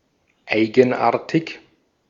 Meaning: 1. peculiar, characteristic 2. strange, odd
- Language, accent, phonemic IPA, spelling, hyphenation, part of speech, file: German, Austria, /ˈaɪ̯ɡn̩ˌʔaːɐ̯tɪk/, eigenartig, ei‧gen‧ar‧tig, adjective, De-at-eigenartig.ogg